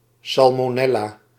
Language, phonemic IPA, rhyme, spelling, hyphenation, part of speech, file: Dutch, /ˌsɑl.moːˈnɛ.laː/, -ɛlaː, salmonella, sal‧mo‧nel‧la, noun, Nl-salmonella.ogg
- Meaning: salmonella, bacterium of the genus Salmonella